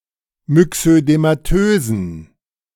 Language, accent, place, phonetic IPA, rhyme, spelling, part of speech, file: German, Germany, Berlin, [mʏksødemaˈtøːzn̩], -øːzn̩, myxödematösen, adjective, De-myxödematösen.ogg
- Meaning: inflection of myxödematös: 1. strong genitive masculine/neuter singular 2. weak/mixed genitive/dative all-gender singular 3. strong/weak/mixed accusative masculine singular 4. strong dative plural